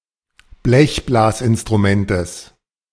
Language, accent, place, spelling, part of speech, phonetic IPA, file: German, Germany, Berlin, Blechblasinstrumentes, noun, [ˈblɛçblaːsʔɪnstʁuˌmɛntəs], De-Blechblasinstrumentes.ogg
- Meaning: genitive singular of Blechblasinstrument